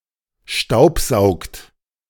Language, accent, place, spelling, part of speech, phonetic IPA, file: German, Germany, Berlin, staubsaugt, verb, [ˈʃtaʊ̯pˌzaʊ̯kt], De-staubsaugt.ogg
- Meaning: inflection of staubsaugen: 1. second-person plural present 2. third-person singular present 3. plural imperative